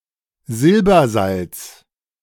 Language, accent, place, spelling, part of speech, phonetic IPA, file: German, Germany, Berlin, Silbersalz, noun, [ˈzɪlbɐˌzalt͡s], De-Silbersalz.ogg
- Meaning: silver salt